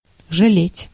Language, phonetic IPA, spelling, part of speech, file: Russian, [ʐɨˈlʲetʲ], жалеть, verb, Ru-жалеть.ogg
- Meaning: 1. to feel sorry, to be sorry, to be sad (about something), to regret 2. to pity, to commiserate 3. to save, to spare (e.g. time, energy)